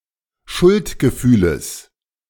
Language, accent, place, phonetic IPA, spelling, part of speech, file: German, Germany, Berlin, [ˈʃʊltɡəˌfyːləs], Schuldgefühles, noun, De-Schuldgefühles.ogg
- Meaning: genitive of Schuldgefühl